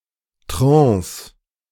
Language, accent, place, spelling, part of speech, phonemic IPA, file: German, Germany, Berlin, Trance, noun, /tʁɑ̃ːs/, De-Trance.ogg
- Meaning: trance